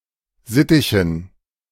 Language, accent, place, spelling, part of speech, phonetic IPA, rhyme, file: German, Germany, Berlin, Sittichen, noun, [ˈzɪtɪçn̩], -ɪtɪçn̩, De-Sittichen.ogg
- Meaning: dative plural of Sittich